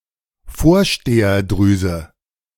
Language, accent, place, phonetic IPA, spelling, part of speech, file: German, Germany, Berlin, [ˈfoːɐ̯ʃteːɐˌdʁyːzə], Vorsteherdrüse, noun, De-Vorsteherdrüse.ogg
- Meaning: prostate gland